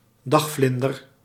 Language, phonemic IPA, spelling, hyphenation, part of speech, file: Dutch, /ˈdɑxˌflɪn.dər/, dagvlinder, dag‧vlin‧der, noun, Nl-dagvlinder.ogg
- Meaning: diurnal butterfly